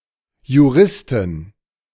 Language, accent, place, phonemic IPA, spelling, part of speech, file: German, Germany, Berlin, /ju.ˈʁɪstɪn/, Juristin, noun, De-Juristin.ogg
- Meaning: jurist (female)